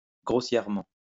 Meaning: 1. shoddily, sloppily, scruffily (badly-made and hurriedly) 2. coarsely (in a coarse manner) 3. grossly 4. roughly, more or less
- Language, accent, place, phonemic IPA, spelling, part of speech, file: French, France, Lyon, /ɡʁo.sjɛʁ.mɑ̃/, grossièrement, adverb, LL-Q150 (fra)-grossièrement.wav